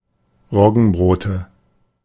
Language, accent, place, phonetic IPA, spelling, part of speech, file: German, Germany, Berlin, [ˈʁɔɡn̩ˌbʁoːtə], Roggenbrote, noun, De-Roggenbrote.ogg
- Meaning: nominative/accusative/genitive plural of Roggenbrot